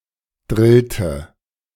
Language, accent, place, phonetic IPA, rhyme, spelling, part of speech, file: German, Germany, Berlin, [ˈdʁɪltə], -ɪltə, drillte, verb, De-drillte.ogg
- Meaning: inflection of drillen: 1. first/third-person singular preterite 2. first/third-person singular subjunctive II